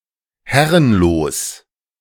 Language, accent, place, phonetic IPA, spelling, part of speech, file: German, Germany, Berlin, [ˈhɛʁənloːs], herrenlos, adjective, De-herrenlos.ogg
- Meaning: abandoned, unclaimed: not evidently belonging to anyone